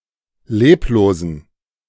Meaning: inflection of leblos: 1. strong genitive masculine/neuter singular 2. weak/mixed genitive/dative all-gender singular 3. strong/weak/mixed accusative masculine singular 4. strong dative plural
- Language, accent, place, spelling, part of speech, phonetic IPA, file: German, Germany, Berlin, leblosen, adjective, [ˈleːploːzn̩], De-leblosen.ogg